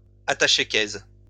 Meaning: attaché case
- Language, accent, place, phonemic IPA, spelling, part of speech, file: French, France, Lyon, /a.ta.ʃe.kɛs/, attaché-case, noun, LL-Q150 (fra)-attaché-case.wav